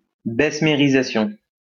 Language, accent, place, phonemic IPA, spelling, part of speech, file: French, France, Lyon, /bɛs.me.ʁi.za.sjɔ̃/, bessemérisation, noun, LL-Q150 (fra)-bessemérisation.wav
- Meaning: bessemerization